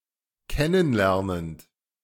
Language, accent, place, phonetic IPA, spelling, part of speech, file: German, Germany, Berlin, [ˈkɛnən ˌlɛʁnənt], kennen lernend, verb, De-kennen lernend.ogg
- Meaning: present participle of kennen lernen